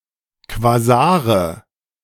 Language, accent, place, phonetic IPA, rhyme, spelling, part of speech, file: German, Germany, Berlin, [kvaˈzaːʁə], -aːʁə, Quasare, noun, De-Quasare.ogg
- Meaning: nominative/accusative/genitive plural of Quasar